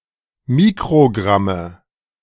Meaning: nominative/accusative/genitive plural of Mikrogramm
- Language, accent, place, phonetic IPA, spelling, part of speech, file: German, Germany, Berlin, [ˈmiːkʁoˌɡʁamə], Mikrogramme, noun, De-Mikrogramme.ogg